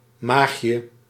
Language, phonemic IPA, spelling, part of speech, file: Dutch, /ˈmaxjə/, maagje, noun, Nl-maagje.ogg
- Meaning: diminutive of maag